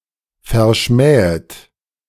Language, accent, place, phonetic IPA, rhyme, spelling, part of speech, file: German, Germany, Berlin, [fɛɐ̯ˈʃmɛːət], -ɛːət, verschmähet, verb, De-verschmähet.ogg
- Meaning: 1. second-person plural subjunctive I of verschmähen 2. archaic spelling of verschmäht